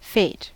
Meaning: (noun) 1. The presumed cause, force, principle, or divine will that predetermines events 2. The effect, consequence, outcome, or inevitable events predetermined by this cause
- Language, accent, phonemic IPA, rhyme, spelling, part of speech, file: English, US, /feɪt/, -eɪt, fate, noun / verb, En-us-fate.ogg